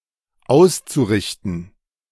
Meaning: zu-infinitive of ausrichten
- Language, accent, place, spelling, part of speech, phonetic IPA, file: German, Germany, Berlin, auszurichten, verb, [ˈaʊ̯st͡suˌʁɪçtn̩], De-auszurichten.ogg